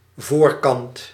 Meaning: front
- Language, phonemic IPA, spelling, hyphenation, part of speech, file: Dutch, /vorkɑnt/, voorkant, voor‧kant, noun, Nl-voorkant.ogg